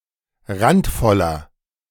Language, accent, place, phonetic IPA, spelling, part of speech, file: German, Germany, Berlin, [ˈʁantˌfɔlɐ], randvoller, adjective, De-randvoller.ogg
- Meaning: inflection of randvoll: 1. strong/mixed nominative masculine singular 2. strong genitive/dative feminine singular 3. strong genitive plural